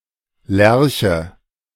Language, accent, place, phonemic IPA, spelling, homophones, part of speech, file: German, Germany, Berlin, /ˈlɛʁçə/, Lärche, Lerche, noun, De-Lärche.ogg
- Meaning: larch (Larix decidua)